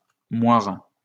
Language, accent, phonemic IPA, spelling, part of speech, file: French, France, /mwaʁ/, moire, noun, LL-Q150 (fra)-moire.wav
- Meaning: watered fabric, moire